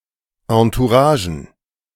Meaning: plural of Entourage
- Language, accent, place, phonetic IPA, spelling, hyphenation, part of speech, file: German, Germany, Berlin, [ãtuˈʀaːʒn̩], Entouragen, En‧tou‧ra‧gen, noun, De-Entouragen.ogg